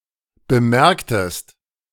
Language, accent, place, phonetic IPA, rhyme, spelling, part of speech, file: German, Germany, Berlin, [bəˈmɛʁktəst], -ɛʁktəst, bemerktest, verb, De-bemerktest.ogg
- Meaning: inflection of bemerken: 1. second-person singular preterite 2. second-person singular subjunctive II